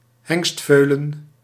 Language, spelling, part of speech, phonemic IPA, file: Dutch, hengstveulen, noun, /ˈhɛŋstvølə(n)/, Nl-hengstveulen.ogg
- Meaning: colt, a male foal (equine young)